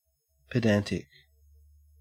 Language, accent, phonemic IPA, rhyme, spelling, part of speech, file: English, Australia, /pəˈdæn.tɪk/, -æntɪk, pedantic, adjective, En-au-pedantic.ogg
- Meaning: 1. Being overly concerned with formal rules and trivial points of learning, like a pedant 2. Tending to show off one’s knowledge, often in a tiresome manner